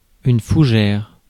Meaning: fern
- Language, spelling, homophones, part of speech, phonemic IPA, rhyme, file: French, fougère, fougères / Fougères, noun, /fu.ʒɛʁ/, -ɛʁ, Fr-fougère.ogg